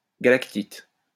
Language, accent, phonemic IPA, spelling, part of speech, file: French, France, /ɡa.lak.tit/, galactite, noun, LL-Q150 (fra)-galactite.wav
- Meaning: 1. galactite, natrolite 2. thistle of the family Galactites